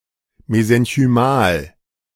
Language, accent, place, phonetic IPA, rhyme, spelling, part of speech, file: German, Germany, Berlin, [mezɛnçyˈmaːl], -aːl, mesenchymal, adjective, De-mesenchymal.ogg
- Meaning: mesenchymal